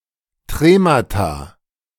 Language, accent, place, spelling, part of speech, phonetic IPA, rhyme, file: German, Germany, Berlin, Tremata, noun, [ˈtʁeːmata], -eːmata, De-Tremata.ogg
- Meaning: plural of Trema